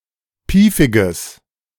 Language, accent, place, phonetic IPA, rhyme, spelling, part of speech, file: German, Germany, Berlin, [ˈpiːfɪɡəs], -iːfɪɡəs, piefiges, adjective, De-piefiges.ogg
- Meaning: strong/mixed nominative/accusative neuter singular of piefig